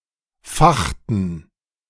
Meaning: inflection of fachen: 1. first/third-person plural preterite 2. first/third-person plural subjunctive II
- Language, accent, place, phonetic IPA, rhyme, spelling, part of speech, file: German, Germany, Berlin, [ˈfaxtn̩], -axtn̩, fachten, verb, De-fachten.ogg